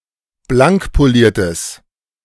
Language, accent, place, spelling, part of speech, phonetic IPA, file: German, Germany, Berlin, blankpoliertes, adjective, [ˈblaŋkpoˌliːɐ̯təs], De-blankpoliertes.ogg
- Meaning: strong/mixed nominative/accusative neuter singular of blankpoliert